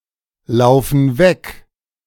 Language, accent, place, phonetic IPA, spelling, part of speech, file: German, Germany, Berlin, [ˌlaʊ̯fn̩ ˈvɛk], laufen weg, verb, De-laufen weg.ogg
- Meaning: inflection of weglaufen: 1. first/third-person plural present 2. first/third-person plural subjunctive I